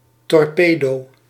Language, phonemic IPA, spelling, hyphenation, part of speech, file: Dutch, /tɔrˈpeː.doː/, torpedo, tor‧pe‧do, noun, Nl-torpedo.ogg
- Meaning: 1. a torpedo (projectile adapted for underwater use) 2. a low-lying streamlined car